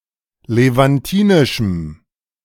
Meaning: strong dative masculine/neuter singular of levantinisch
- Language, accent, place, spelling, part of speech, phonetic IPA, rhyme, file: German, Germany, Berlin, levantinischem, adjective, [levanˈtiːnɪʃm̩], -iːnɪʃm̩, De-levantinischem.ogg